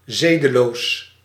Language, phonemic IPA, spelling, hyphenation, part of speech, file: Dutch, /ˈzeː.dəˌloːs/, zedeloos, ze‧de‧loos, adjective, Nl-zedeloos.ogg
- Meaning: indecent, immoral (often with connotations of sexuality)